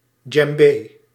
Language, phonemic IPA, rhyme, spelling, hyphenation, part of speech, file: Dutch, /dʒɛmˈbeː/, -eː, djembé, djem‧bé, noun, Nl-djembé.ogg
- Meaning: a djembe, large hand drum played with both hands